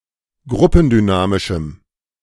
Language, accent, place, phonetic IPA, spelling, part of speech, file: German, Germany, Berlin, [ˈɡʁʊpn̩dyˌnaːmɪʃm̩], gruppendynamischem, adjective, De-gruppendynamischem.ogg
- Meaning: strong dative masculine/neuter singular of gruppendynamisch